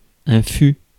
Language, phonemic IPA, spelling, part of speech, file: French, /fy/, fût, noun / verb, Fr-fût.ogg
- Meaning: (noun) 1. bole (of tree) 2. keg, cask, draft; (verb) third-person singular imperfect subjunctive of être